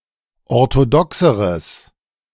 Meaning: strong/mixed nominative/accusative neuter singular comparative degree of orthodox
- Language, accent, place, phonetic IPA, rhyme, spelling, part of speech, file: German, Germany, Berlin, [ɔʁtoˈdɔksəʁəs], -ɔksəʁəs, orthodoxeres, adjective, De-orthodoxeres.ogg